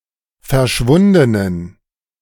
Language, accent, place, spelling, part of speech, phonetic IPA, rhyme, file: German, Germany, Berlin, verschwundenen, adjective, [fɛɐ̯ˈʃvʊndənən], -ʊndənən, De-verschwundenen.ogg
- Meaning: inflection of verschwunden: 1. strong genitive masculine/neuter singular 2. weak/mixed genitive/dative all-gender singular 3. strong/weak/mixed accusative masculine singular 4. strong dative plural